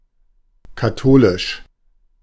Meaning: 1. catholic 2. Catholic 3. Roman Catholic
- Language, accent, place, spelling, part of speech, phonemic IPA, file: German, Germany, Berlin, katholisch, adjective, /kaˈtoːlɪʃ/, De-katholisch.ogg